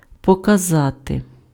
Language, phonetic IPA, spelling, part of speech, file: Ukrainian, [pɔkɐˈzate], показати, verb, Uk-показати.ogg
- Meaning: 1. to show 2. to display, to exhibit 3. to demonstrate 4. to indicate, to point (at/to)